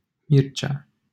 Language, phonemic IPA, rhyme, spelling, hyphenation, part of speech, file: Romanian, /ˈmir.t͡ʃe̯a/, -irt͡ʃe̯a, Mircea, Mir‧cea, proper noun, LL-Q7913 (ron)-Mircea.wav
- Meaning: a male given name